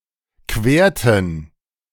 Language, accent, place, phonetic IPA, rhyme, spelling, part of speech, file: German, Germany, Berlin, [ˈkveːɐ̯tn̩], -eːɐ̯tn̩, querten, verb, De-querten.ogg
- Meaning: inflection of queren: 1. first/third-person plural preterite 2. first/third-person plural subjunctive II